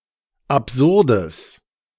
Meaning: strong/mixed nominative/accusative neuter singular of absurd
- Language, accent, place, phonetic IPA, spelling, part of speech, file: German, Germany, Berlin, [apˈzʊʁdəs], absurdes, adjective, De-absurdes.ogg